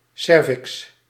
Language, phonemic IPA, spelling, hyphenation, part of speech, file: Dutch, /ˈsɛr.vɪks/, cervix, cer‧vix, noun, Nl-cervix.ogg
- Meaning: 1. neck 2. the cervix between the uterus and the vagina